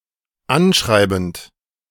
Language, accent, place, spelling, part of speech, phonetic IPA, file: German, Germany, Berlin, anschreibend, verb, [ˈanˌʃʁaɪ̯bn̩t], De-anschreibend.ogg
- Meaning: present participle of anschreiben